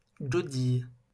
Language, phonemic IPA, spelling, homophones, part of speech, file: French, /ɡɔ.dij/, godille, godillent / godilles, noun / verb, LL-Q150 (fra)-godille.wav
- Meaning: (noun) 1. sculling oar 2. wedeln; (verb) inflection of godiller: 1. first/third-person singular present indicative/subjunctive 2. second-person singular imperative